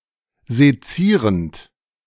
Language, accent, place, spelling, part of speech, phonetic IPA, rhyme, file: German, Germany, Berlin, sezierend, verb, [zeˈt͡siːʁənt], -iːʁənt, De-sezierend.ogg
- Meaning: present participle of sezieren